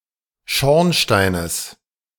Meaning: genitive singular of Schornstein
- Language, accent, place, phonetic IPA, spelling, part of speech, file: German, Germany, Berlin, [ˈʃɔʁnˌʃtaɪ̯nəs], Schornsteines, noun, De-Schornsteines.ogg